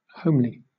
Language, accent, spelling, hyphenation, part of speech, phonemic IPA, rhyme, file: English, Southern England, homely, home‧ly, adjective, /ˈhəʊmli/, -əʊmli, LL-Q1860 (eng)-homely.wav
- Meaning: 1. Characteristic of, belonging to, or befitting a home; domestic, cosy 2. Lacking in beauty or elegance, plain in appearance, physically unattractive